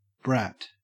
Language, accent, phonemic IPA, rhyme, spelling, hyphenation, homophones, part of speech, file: English, Australia, /bɹæt/, -æt, brat, brat, Bratt, noun / verb / adjective, En-au-brat.ogg
- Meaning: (noun) 1. A human child 2. A human child.: A child who is regarded as mischievous, unruly, spoiled, or selfish 3. A human child.: The qualities possessed by a confident and assertive woman